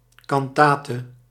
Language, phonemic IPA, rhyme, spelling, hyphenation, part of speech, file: Dutch, /ˌkɑnˈtaː.tə/, -aːtə, cantate, can‧ta‧te, noun, Nl-cantate.ogg
- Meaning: cantata